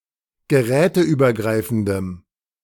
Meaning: strong dative masculine/neuter singular of geräteübergreifend
- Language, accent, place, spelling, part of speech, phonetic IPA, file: German, Germany, Berlin, geräteübergreifendem, adjective, [ɡəˈʁɛːtəʔyːbɐˌɡʁaɪ̯fn̩dəm], De-geräteübergreifendem.ogg